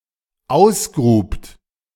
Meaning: second-person plural dependent preterite of ausgraben
- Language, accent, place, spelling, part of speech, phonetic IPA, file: German, Germany, Berlin, ausgrubt, verb, [ˈaʊ̯sˌɡʁuːpt], De-ausgrubt.ogg